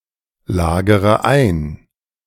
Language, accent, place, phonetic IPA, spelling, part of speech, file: German, Germany, Berlin, [ˌlaːɡəʁə ˈaɪ̯n], lagere ein, verb, De-lagere ein.ogg
- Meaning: inflection of einlagern: 1. first-person singular present 2. first-person plural subjunctive I 3. third-person singular subjunctive I 4. singular imperative